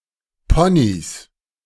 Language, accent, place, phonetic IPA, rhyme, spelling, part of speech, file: German, Germany, Berlin, [ˈpɔnis], -ɔnis, Ponys, noun, De-Ponys.ogg
- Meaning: 1. genitive singular of Pony 2. plural of Pony